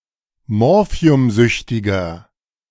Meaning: inflection of morphiumsüchtig: 1. strong/mixed nominative masculine singular 2. strong genitive/dative feminine singular 3. strong genitive plural
- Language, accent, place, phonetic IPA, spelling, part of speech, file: German, Germany, Berlin, [ˈmɔʁfi̯ʊmˌzʏçtɪɡɐ], morphiumsüchtiger, adjective, De-morphiumsüchtiger.ogg